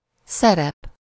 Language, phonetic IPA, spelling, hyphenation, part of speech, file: Hungarian, [ˈsɛrɛp], szerep, sze‧rep, noun, Hu-szerep.ogg
- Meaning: role (character or part)